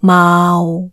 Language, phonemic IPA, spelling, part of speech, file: Cantonese, /maːu˨/, maau6, romanization, Yue-maau6.ogg
- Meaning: Jyutping transcription of 㮘